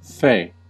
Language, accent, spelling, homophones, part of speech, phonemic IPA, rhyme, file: English, US, fey, fay, adjective / noun / verb, /feɪ/, -eɪ, En-us-fey.ogg
- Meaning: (adjective) 1. About to die; doomed; on the verge of sudden or violent death 2. Dying; dead 3. Possessing second sight, clairvoyance, or clairaudience 4. Overrefined, affected